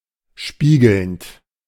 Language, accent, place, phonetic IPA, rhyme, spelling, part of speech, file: German, Germany, Berlin, [ˈʃpiːɡl̩nt], -iːɡl̩nt, spiegelnd, verb, De-spiegelnd.ogg
- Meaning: present participle of spiegeln